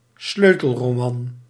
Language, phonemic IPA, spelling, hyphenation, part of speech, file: Dutch, /ˈsløː.təl.roːˌmɑn/, sleutelroman, sleu‧tel‧ro‧man, noun, Nl-sleutelroman.ogg
- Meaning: a novel about real-life people and events (though possibly with altered names)